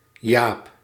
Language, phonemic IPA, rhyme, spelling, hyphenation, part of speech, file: Dutch, /jaːp/, -aːp, jaap, jaap, noun, Nl-jaap.ogg
- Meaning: gash, a deep cut